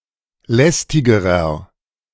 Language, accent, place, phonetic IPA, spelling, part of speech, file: German, Germany, Berlin, [ˈlɛstɪɡəʁɐ], lästigerer, adjective, De-lästigerer.ogg
- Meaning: inflection of lästig: 1. strong/mixed nominative masculine singular comparative degree 2. strong genitive/dative feminine singular comparative degree 3. strong genitive plural comparative degree